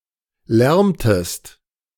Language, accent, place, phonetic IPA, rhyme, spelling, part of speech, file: German, Germany, Berlin, [ˈlɛʁmtəst], -ɛʁmtəst, lärmtest, verb, De-lärmtest.ogg
- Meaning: inflection of lärmen: 1. second-person singular preterite 2. second-person singular subjunctive II